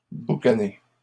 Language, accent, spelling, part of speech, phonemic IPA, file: French, Canada, boucaner, verb, /bu.ka.ne/, LL-Q150 (fra)-boucaner.wav
- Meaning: to smoke meat